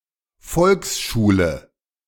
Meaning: elementary school, grade school, the “default” type of school where most children got their compulsory education, typically from ages 6~7 through 13~14
- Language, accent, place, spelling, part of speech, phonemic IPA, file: German, Germany, Berlin, Volksschule, noun, /ˈfɔlksˌʃuːlə/, De-Volksschule.ogg